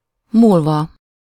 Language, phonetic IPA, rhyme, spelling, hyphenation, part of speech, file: Hungarian, [ˈmuːlvɒ], -vɒ, múlva, múl‧va, verb / postposition, Hu-múlva.ogg
- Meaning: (verb) adverbial participle of múlik; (postposition) in …… (after, at the end of the given amount of time)